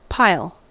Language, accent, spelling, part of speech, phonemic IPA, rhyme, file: English, US, pile, noun / verb, /paɪl/, -aɪl, En-us-pile.ogg
- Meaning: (noun) 1. A mass of things heaped together; a heap 2. A group or list of related items up for consideration, especially in some kind of selection process 3. A mass formed in layers